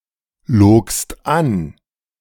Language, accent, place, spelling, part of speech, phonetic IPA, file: German, Germany, Berlin, logst an, verb, [ˌloːkst ˈan], De-logst an.ogg
- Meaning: second-person singular preterite of anlügen